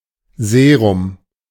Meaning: serum
- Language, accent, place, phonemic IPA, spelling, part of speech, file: German, Germany, Berlin, /ˈzeːʁʊm/, Serum, noun, De-Serum.ogg